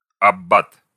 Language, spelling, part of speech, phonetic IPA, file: Russian, аббат, noun, [ɐˈb(ː)at], Ru-аббат.ogg
- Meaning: abbot, priest